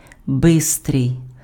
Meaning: fast, quick
- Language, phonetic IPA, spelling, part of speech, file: Ukrainian, [ˈbɪstrei̯], бистрий, adjective, Uk-бистрий.ogg